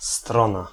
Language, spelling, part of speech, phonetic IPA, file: Polish, strona, noun, [ˈstrɔ̃na], Pl-strona.ogg